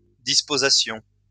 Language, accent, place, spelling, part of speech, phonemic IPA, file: French, France, Lyon, disposassions, verb, /dis.po.za.sjɔ̃/, LL-Q150 (fra)-disposassions.wav
- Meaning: first-person plural imperfect subjunctive of disposer